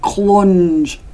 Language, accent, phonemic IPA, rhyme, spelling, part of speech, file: English, UK, /klʌnd͡ʒ/, -ʌndʒ, clunge, noun, En-uk-clunge.ogg
- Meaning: 1. Vulva or vagina 2. Arse